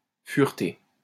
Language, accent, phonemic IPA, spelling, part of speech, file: French, France, /fyʁ.te/, fureter, verb, LL-Q150 (fra)-fureter.wav
- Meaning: 1. to ferret (around, about); to rummage 2. to browse (a website)